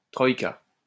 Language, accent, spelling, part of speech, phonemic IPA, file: French, France, troïka, noun, /tʁɔj.ka/, LL-Q150 (fra)-troïka.wav
- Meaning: 1. troika (vehicle) 2. troika (party of three)